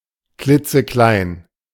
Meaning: teeny-weeny
- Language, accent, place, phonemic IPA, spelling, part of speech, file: German, Germany, Berlin, /ˈklɪt͡səˈklaɪ̯n/, klitzeklein, adjective, De-klitzeklein.ogg